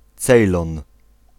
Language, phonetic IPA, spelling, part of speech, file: Polish, [ˈt͡sɛjlɔ̃n], Cejlon, proper noun, Pl-Cejlon.ogg